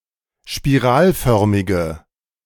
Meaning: inflection of spiralförmig: 1. strong/mixed nominative/accusative feminine singular 2. strong nominative/accusative plural 3. weak nominative all-gender singular
- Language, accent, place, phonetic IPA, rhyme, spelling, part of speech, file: German, Germany, Berlin, [ʃpiˈʁaːlˌfœʁmɪɡə], -aːlfœʁmɪɡə, spiralförmige, adjective, De-spiralförmige.ogg